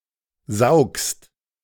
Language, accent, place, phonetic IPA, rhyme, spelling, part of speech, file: German, Germany, Berlin, [zaʊ̯kst], -aʊ̯kst, saugst, verb, De-saugst.ogg
- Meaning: second-person singular present of saugen